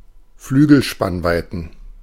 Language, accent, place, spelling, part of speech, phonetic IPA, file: German, Germany, Berlin, Flügelspannweiten, noun, [ˈflyːɡl̩ˌʃpanvaɪ̯tn̩], De-Flügelspannweiten.ogg
- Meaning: plural of Flügelspannweite